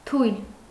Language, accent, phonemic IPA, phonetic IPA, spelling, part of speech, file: Armenian, Eastern Armenian, /tʰujl/, [tʰujl], թույլ, adjective, Hy-թույլ.ogg
- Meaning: weak